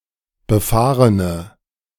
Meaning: inflection of befahren: 1. strong/mixed nominative/accusative feminine singular 2. strong nominative/accusative plural 3. weak nominative all-gender singular
- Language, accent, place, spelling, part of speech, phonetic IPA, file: German, Germany, Berlin, befahrene, adjective, [bəˈfaːʁənə], De-befahrene.ogg